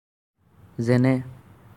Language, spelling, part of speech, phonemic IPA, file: Assamese, যেনে, adverb, /zɛ.nɛ/, As-যেনে.ogg
- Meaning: 1. like, as 2. such as, for example